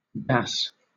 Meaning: Pronunciation spelling of that's, that is
- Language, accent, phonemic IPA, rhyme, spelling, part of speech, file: English, Southern England, /dæs/, -æs, das, contraction, LL-Q1860 (eng)-das.wav